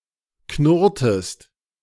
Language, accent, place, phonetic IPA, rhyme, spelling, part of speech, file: German, Germany, Berlin, [ˈknʊʁtəst], -ʊʁtəst, knurrtest, verb, De-knurrtest.ogg
- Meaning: inflection of knurren: 1. second-person singular preterite 2. second-person singular subjunctive II